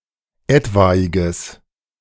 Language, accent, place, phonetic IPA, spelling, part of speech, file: German, Germany, Berlin, [ˈɛtvaɪ̯ɡəs], etwaiges, adjective, De-etwaiges.ogg
- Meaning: strong/mixed nominative/accusative neuter singular of etwaig